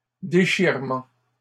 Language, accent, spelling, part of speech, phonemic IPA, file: French, Canada, déchirements, noun, /de.ʃiʁ.mɑ̃/, LL-Q150 (fra)-déchirements.wav
- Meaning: plural of déchirement